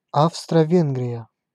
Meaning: Austria-Hungary (a former multi-ethnic empire and country in Central Europe existing from 1867 to 1918)
- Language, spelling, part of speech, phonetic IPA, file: Russian, Австро-Венгрия, proper noun, [ˌafstrə ˈvʲenɡrʲɪjə], Ru-Австро-Венгрия.ogg